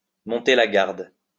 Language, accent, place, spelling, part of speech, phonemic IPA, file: French, France, Lyon, monter la garde, verb, /mɔ̃.te la ɡaʁd/, LL-Q150 (fra)-monter la garde.wav
- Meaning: to stand guard, to keep watch